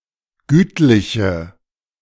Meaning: inflection of gütlich: 1. strong/mixed nominative/accusative feminine singular 2. strong nominative/accusative plural 3. weak nominative all-gender singular 4. weak accusative feminine/neuter singular
- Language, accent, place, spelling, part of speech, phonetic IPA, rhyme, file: German, Germany, Berlin, gütliche, adjective, [ˈɡyːtlɪçə], -yːtlɪçə, De-gütliche.ogg